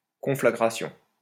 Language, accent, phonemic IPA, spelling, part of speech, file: French, France, /kɔ̃.fla.ɡʁa.sjɔ̃/, conflagration, noun, LL-Q150 (fra)-conflagration.wav
- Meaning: conflagration